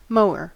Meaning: 1. A lawnmower, a machine used to cut grass on lawns 2. A farm machine used in hay production (sickle mower, finger-bar mower) 3. A person who cuts grass 4. One who mows (makes grimaces)
- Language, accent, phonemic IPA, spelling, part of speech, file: English, US, /ˈmoʊ.ɚ/, mower, noun, En-us-mower.ogg